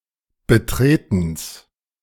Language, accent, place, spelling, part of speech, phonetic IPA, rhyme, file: German, Germany, Berlin, Betretens, noun, [bəˈtʁeːtn̩s], -eːtn̩s, De-Betretens.ogg
- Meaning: genitive singular of Betreten